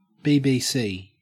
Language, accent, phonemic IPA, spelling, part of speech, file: English, Australia, /biː biː ˈsiː/, BBC, proper noun / noun, En-au-BBC.ogg
- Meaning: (proper noun) 1. Initialism of British Broadcasting Corporation 2. Initialism of Blades Business Crew: a football hooligan firm linked to Sheffield United F.C